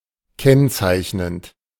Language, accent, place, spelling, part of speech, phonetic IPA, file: German, Germany, Berlin, kennzeichnend, verb, [ˈkɛnt͡saɪ̯çnənt], De-kennzeichnend.ogg
- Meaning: present participle of kennzeichnen